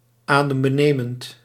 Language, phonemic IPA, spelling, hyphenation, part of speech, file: Dutch, /ˌaː.dəm.bəˈneː.mənt/, adembenemend, adem‧be‧ne‧mend, adjective, Nl-adembenemend.ogg
- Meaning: breathtaking